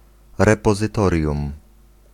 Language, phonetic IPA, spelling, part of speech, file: Polish, [ˌrɛpɔzɨˈtɔrʲjũm], repozytorium, noun, Pl-repozytorium.ogg